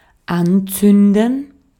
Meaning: 1. to light (anything flammable) 2. to strike (a match) 3. to set on fire, to set fire to 4. to kindle (as in the process of making a camping fire or something comparable)
- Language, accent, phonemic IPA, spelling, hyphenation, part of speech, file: German, Austria, /ˈanˌt͡sʏndən/, anzünden, an‧zün‧den, verb, De-at-anzünden.ogg